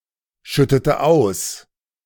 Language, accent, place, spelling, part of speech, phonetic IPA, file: German, Germany, Berlin, schüttete aus, verb, [ˌʃʏtətə ˈaʊ̯s], De-schüttete aus.ogg
- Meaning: inflection of ausschütten: 1. first/third-person singular preterite 2. first/third-person singular subjunctive II